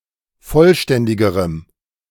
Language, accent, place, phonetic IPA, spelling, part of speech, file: German, Germany, Berlin, [ˈfɔlˌʃtɛndɪɡəʁəm], vollständigerem, adjective, De-vollständigerem.ogg
- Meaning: strong dative masculine/neuter singular comparative degree of vollständig